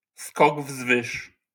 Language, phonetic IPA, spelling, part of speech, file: Polish, [ˈskɔɡ ˈvzvɨʃ], skok wzwyż, noun, LL-Q809 (pol)-skok wzwyż.wav